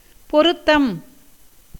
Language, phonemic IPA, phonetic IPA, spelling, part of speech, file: Tamil, /poɾʊt̪ːɐm/, [po̞ɾʊt̪ːɐm], பொருத்தம், noun, Ta-பொருத்தம்.ogg
- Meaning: 1. match, fit, harmony, agreement, accordance 2. propriety, appropriateness, suitability 3. agreement, bargain, contract, treaty, covenant 4. satisfaction, approbation